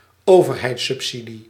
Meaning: government subsidy
- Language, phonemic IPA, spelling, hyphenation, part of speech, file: Dutch, /ˈoː.vər.ɦɛi̯t.sʏpˌsi.di/, overheidssubsidie, over‧heids‧sub‧si‧die, noun, Nl-overheidssubsidie.ogg